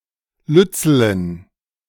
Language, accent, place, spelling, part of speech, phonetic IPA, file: German, Germany, Berlin, lützelen, adjective, [ˈlʏt͡sl̩ən], De-lützelen.ogg
- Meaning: inflection of lützel: 1. strong genitive masculine/neuter singular 2. weak/mixed genitive/dative all-gender singular 3. strong/weak/mixed accusative masculine singular 4. strong dative plural